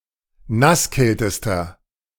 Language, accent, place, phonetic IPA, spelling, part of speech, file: German, Germany, Berlin, [ˈnasˌkɛltəstɐ], nasskältester, adjective, De-nasskältester.ogg
- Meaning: inflection of nasskalt: 1. strong/mixed nominative masculine singular superlative degree 2. strong genitive/dative feminine singular superlative degree 3. strong genitive plural superlative degree